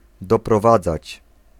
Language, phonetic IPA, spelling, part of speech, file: Polish, [ˌdɔprɔˈvad͡zat͡ɕ], doprowadzać, verb, Pl-doprowadzać.ogg